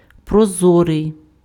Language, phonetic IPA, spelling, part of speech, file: Ukrainian, [prɔˈzɔrei̯], прозорий, adjective, Uk-прозорий.ogg
- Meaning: 1. transparent, see-through, pellucid 2. transparent